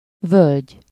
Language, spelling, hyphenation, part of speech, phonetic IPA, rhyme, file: Hungarian, völgy, völgy, noun, [ˈvølɟ], -ølɟ, Hu-völgy.ogg
- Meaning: valley